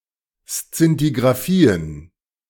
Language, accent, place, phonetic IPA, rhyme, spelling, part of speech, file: German, Germany, Berlin, [st͡sɪntiɡʁaˈfiːən], -iːən, Szintigraphien, noun, De-Szintigraphien.ogg
- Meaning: plural of Szintigraphie